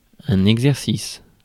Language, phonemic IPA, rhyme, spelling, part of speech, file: French, /ɛɡ.zɛʁ.sis/, -is, exercice, noun, Fr-exercice.ogg
- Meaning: 1. exercise, performance 2. exercise, practice 3. exercise 4. physical exercise 5. fiscal year, financial year